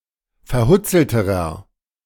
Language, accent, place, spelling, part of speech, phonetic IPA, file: German, Germany, Berlin, verhutzelterer, adjective, [fɛɐ̯ˈhʊt͡sl̩təʁɐ], De-verhutzelterer.ogg
- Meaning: inflection of verhutzelt: 1. strong/mixed nominative masculine singular comparative degree 2. strong genitive/dative feminine singular comparative degree 3. strong genitive plural comparative degree